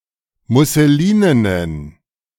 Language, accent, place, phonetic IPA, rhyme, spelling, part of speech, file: German, Germany, Berlin, [mʊsəˈliːnənən], -iːnənən, musselinenen, adjective, De-musselinenen.ogg
- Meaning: inflection of musselinen: 1. strong genitive masculine/neuter singular 2. weak/mixed genitive/dative all-gender singular 3. strong/weak/mixed accusative masculine singular 4. strong dative plural